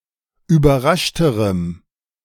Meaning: strong dative masculine/neuter singular comparative degree of überrascht
- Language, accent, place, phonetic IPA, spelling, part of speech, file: German, Germany, Berlin, [yːbɐˈʁaʃtəʁəm], überraschterem, adjective, De-überraschterem.ogg